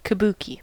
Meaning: A form of Japanese theatre in which elaborately costumed male performers use stylized movements, dances, and songs in order to enact tragedies and comedies
- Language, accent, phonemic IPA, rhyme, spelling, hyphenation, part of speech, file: English, US, /kəˈbuːki/, -uːki, kabuki, ka‧bu‧ki, noun, En-us-kabuki.ogg